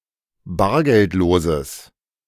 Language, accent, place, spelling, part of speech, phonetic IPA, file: German, Germany, Berlin, bargeldloses, adjective, [ˈbaːɐ̯ɡɛltˌloːzəs], De-bargeldloses.ogg
- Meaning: strong/mixed nominative/accusative neuter singular of bargeldlos